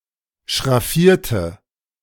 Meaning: inflection of schraffieren: 1. first/third-person singular preterite 2. first/third-person singular subjunctive II
- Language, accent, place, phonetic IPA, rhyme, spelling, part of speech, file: German, Germany, Berlin, [ʃʁaˈfiːɐ̯tə], -iːɐ̯tə, schraffierte, adjective / verb, De-schraffierte.ogg